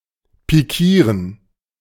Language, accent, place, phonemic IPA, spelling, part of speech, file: German, Germany, Berlin, /piˈkiːʁən/, pikieren, verb, De-pikieren.ogg
- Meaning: 1. to prick out 2. to pad